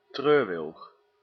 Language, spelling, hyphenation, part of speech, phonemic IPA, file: Dutch, treurwilg, treur‧wilg, noun, /ˈtrøːr.ʋɪlx/, Nl-treurwilg.ogg
- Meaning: weeping willow (Salix babylonica)